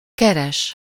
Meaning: 1. to look for; to seek; to search for 2. to earn (to receive payment for work)
- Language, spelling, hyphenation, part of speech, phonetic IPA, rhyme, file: Hungarian, keres, ke‧res, verb, [ˈkɛrɛʃ], -ɛʃ, Hu-keres.ogg